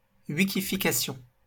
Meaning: Wikification
- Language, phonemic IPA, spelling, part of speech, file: French, /wi.ki.fi.ka.sjɔ̃/, wikification, noun, LL-Q150 (fra)-wikification.wav